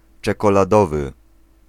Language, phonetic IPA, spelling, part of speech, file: Polish, [ˌt͡ʃɛkɔlaˈdɔvɨ], czekoladowy, adjective, Pl-czekoladowy.ogg